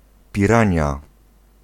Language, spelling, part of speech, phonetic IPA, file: Polish, pirania, noun, [pʲiˈrãɲja], Pl-pirania.ogg